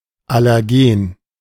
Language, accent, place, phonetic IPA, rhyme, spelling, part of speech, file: German, Germany, Berlin, [ˌalɛʁˈɡeːn], -eːn, Allergen, noun, De-Allergen.ogg
- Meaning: allergen